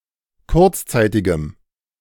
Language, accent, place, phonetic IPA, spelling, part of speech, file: German, Germany, Berlin, [ˈkʊʁt͡sˌt͡saɪ̯tɪɡəm], kurzzeitigem, adjective, De-kurzzeitigem.ogg
- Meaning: strong dative masculine/neuter singular of kurzzeitig